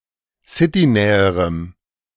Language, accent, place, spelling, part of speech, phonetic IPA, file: German, Germany, Berlin, citynäherem, adjective, [ˈsɪtiˌnɛːəʁəm], De-citynäherem.ogg
- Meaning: strong dative masculine/neuter singular comparative degree of citynah